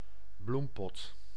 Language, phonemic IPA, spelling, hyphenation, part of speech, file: Dutch, /ˈblum.pɔt/, bloempot, bloem‧pot, noun, Nl-bloempot.ogg
- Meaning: a flowerpot, (solid) container in which (flowering) plants are grown